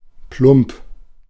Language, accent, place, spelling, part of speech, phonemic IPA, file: German, Germany, Berlin, plump, adjective, /plʊmp/, De-plump.ogg
- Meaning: 1. dumpy, squat, bulky (roundish and misshapen) 2. clumsy, heavy, graceless, inelegant 3. brash, tactless, crude